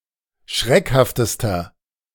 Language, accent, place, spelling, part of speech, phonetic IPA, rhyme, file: German, Germany, Berlin, schreckhaftester, adjective, [ˈʃʁɛkhaftəstɐ], -ɛkhaftəstɐ, De-schreckhaftester.ogg
- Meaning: inflection of schreckhaft: 1. strong/mixed nominative masculine singular superlative degree 2. strong genitive/dative feminine singular superlative degree 3. strong genitive plural superlative degree